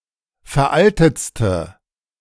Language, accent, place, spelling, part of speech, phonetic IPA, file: German, Germany, Berlin, veraltetste, adjective, [fɛɐ̯ˈʔaltət͡stə], De-veraltetste.ogg
- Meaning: inflection of veraltet: 1. strong/mixed nominative/accusative feminine singular superlative degree 2. strong nominative/accusative plural superlative degree